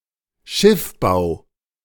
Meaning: shipbuilding
- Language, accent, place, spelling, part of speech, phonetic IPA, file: German, Germany, Berlin, Schiffbau, noun, [ˈʃɪfˌbaʊ̯], De-Schiffbau.ogg